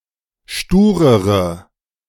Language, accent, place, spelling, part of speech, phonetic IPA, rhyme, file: German, Germany, Berlin, sturere, adjective, [ˈʃtuːʁəʁə], -uːʁəʁə, De-sturere.ogg
- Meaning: inflection of stur: 1. strong/mixed nominative/accusative feminine singular comparative degree 2. strong nominative/accusative plural comparative degree